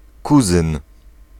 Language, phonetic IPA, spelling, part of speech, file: Polish, [ˈkuzɨ̃n], kuzyn, noun, Pl-kuzyn.ogg